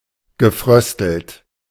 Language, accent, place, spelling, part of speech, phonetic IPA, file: German, Germany, Berlin, gefröstelt, verb, [ɡəˈfʁœstl̩t], De-gefröstelt.ogg
- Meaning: past participle of frösteln